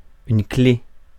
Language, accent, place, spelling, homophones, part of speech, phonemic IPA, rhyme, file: French, France, Paris, clé, clef / clefs / clés, noun, /kle/, -e, Fr-clé.ogg
- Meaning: 1. key (device for unlocking) 2. key (essential attribute) 3. wrench, spanner 4. USB stick 5. key 6. clef 7. key; the device as shown on a coat of arms